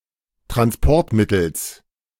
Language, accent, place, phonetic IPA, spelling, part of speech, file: German, Germany, Berlin, [tʁansˈpɔʁtˌmɪtl̩s], Transportmittels, noun, De-Transportmittels.ogg
- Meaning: genitive singular of Transportmittel